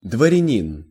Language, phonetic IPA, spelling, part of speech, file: Russian, [dvərʲɪˈnʲin], дворянин, noun, Ru-дворянин.ogg
- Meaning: 1. noble, nobleman (a man of noble rank) 2. armiger (person entitled to bear a coat of arms)